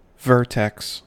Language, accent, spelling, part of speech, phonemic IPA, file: English, US, vertex, noun, /ˈvɝˌtɛks/, En-us-vertex.ogg
- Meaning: 1. The highest point, top or apex of something 2. The highest point, top or apex of something.: The highest surface on the skull; the crown of the head